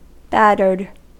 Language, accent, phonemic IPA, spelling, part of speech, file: English, US, /ˈbætəɹd/, battered, verb / adjective, En-us-battered.ogg
- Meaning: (verb) simple past and past participle of batter; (adjective) 1. Beaten up through a lot of use; in rough condition; weathered 2. Beaten repeatedly or consistently; beaten up 3. Drunk; inebriated